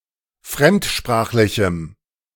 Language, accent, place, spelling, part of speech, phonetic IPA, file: German, Germany, Berlin, fremdsprachlichem, adjective, [ˈfʁɛmtˌʃpʁaːxlɪçm̩], De-fremdsprachlichem.ogg
- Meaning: strong dative masculine/neuter singular of fremdsprachlich